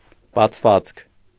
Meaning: 1. opening 2. orifice
- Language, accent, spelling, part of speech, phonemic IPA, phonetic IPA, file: Armenian, Eastern Armenian, բացվածք, noun, /bɑt͡sʰˈvɑt͡skʰ/, [bɑt͡sʰvɑ́t͡skʰ], Hy-բացվածք.ogg